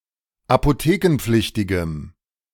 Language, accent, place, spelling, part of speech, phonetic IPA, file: German, Germany, Berlin, apothekenpflichtigem, adjective, [apoˈteːkn̩ˌp͡flɪçtɪɡəm], De-apothekenpflichtigem.ogg
- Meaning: strong dative masculine/neuter singular of apothekenpflichtig